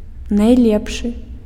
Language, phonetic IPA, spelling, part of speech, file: Belarusian, [najˈlʲepʂɨ], найлепшы, adjective, Be-найлепшы.ogg
- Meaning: superlative degree of до́бры (dóbry) and харо́шы (xaróšy): best